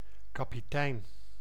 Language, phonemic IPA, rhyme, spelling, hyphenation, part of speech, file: Dutch, /kaː.piˈtɛi̯n/, -ɛi̯n, kapitein, ka‧pi‧tein, noun, Nl-kapitein.ogg
- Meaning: 1. captain (person in command of a ship) 2. captain (military officer) 3. Amerindian or Maroon tribal village chief 4. leader of an ethnic group appointed or recognised by Dutch colonial authorities